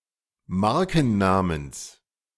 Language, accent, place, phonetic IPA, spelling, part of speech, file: German, Germany, Berlin, [ˈmaʁkn̩ˌnaːməns], Markennamens, noun, De-Markennamens.ogg
- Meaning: genitive singular of Markenname